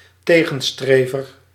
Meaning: opponent
- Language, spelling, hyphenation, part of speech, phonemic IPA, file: Dutch, tegenstrever, te‧gen‧stre‧ver, noun, /ˈteː.ɣə(n)ˌstreː.vər/, Nl-tegenstrever.ogg